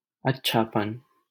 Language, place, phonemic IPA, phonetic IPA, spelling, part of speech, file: Hindi, Delhi, /ət̪.t͡ʃʰɑː.pən/, [ɐt̚.t͡ʃʰäː.pɐ̃n], अच्छापन, noun, LL-Q1568 (hin)-अच्छापन.wav
- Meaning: 1. goodness 2. excellence